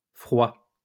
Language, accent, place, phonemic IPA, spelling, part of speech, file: French, France, Lyon, /fʁwa/, froids, adjective, LL-Q150 (fra)-froids.wav
- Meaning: masculine plural of froid